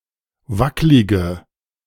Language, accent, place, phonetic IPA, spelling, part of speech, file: German, Germany, Berlin, [ˈvaklɪɡə], wacklige, adjective, De-wacklige.ogg
- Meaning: inflection of wacklig: 1. strong/mixed nominative/accusative feminine singular 2. strong nominative/accusative plural 3. weak nominative all-gender singular 4. weak accusative feminine/neuter singular